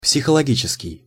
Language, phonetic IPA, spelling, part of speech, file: Russian, [psʲɪxəɫɐˈɡʲit͡ɕɪskʲɪj], психологический, adjective, Ru-психологический.ogg
- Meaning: psychological